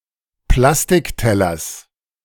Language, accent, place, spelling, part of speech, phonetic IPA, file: German, Germany, Berlin, Plastiktellers, noun, [ˈplastɪkˌtɛlɐs], De-Plastiktellers.ogg
- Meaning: genitive singular of Plastikteller